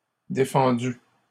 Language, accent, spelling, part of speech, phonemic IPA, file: French, Canada, défendue, verb, /de.fɑ̃.dy/, LL-Q150 (fra)-défendue.wav
- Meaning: feminine singular of défendu